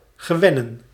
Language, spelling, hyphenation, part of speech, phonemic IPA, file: Dutch, gewennen, ge‧wen‧nen, verb, /ɣəˈʋɛnə(n)/, Nl-gewennen.ogg
- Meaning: to (make) feel comfortable, to (make) get used to